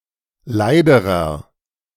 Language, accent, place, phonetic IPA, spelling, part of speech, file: German, Germany, Berlin, [ˈlaɪ̯dəʁɐ], leiderer, adjective, De-leiderer.ogg
- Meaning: inflection of leid: 1. strong/mixed nominative masculine singular comparative degree 2. strong genitive/dative feminine singular comparative degree 3. strong genitive plural comparative degree